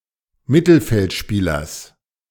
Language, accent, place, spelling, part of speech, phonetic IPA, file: German, Germany, Berlin, Mittelfeldspielers, noun, [ˈmɪtl̩fɛltˌʃpiːlɐs], De-Mittelfeldspielers.ogg
- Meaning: genitive singular of Mittelfeldspieler